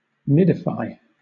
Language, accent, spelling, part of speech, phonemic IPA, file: English, Southern England, nidify, verb, /ˈnɪd.əˌfaɪ/, LL-Q1860 (eng)-nidify.wav
- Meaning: To make a nest